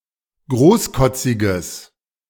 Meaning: strong/mixed nominative/accusative neuter singular of großkotzig
- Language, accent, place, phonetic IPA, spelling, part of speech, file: German, Germany, Berlin, [ˈɡʁoːsˌkɔt͡sɪɡəs], großkotziges, adjective, De-großkotziges.ogg